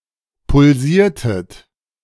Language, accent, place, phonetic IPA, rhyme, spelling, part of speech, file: German, Germany, Berlin, [pʊlˈziːɐ̯tət], -iːɐ̯tət, pulsiertet, verb, De-pulsiertet.ogg
- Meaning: inflection of pulsieren: 1. second-person plural preterite 2. second-person plural subjunctive II